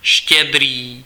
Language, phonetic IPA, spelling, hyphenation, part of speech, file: Czech, [ˈʃcɛdriː], štědrý, ště‧d‧rý, adjective, Cs-štědrý.ogg
- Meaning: generous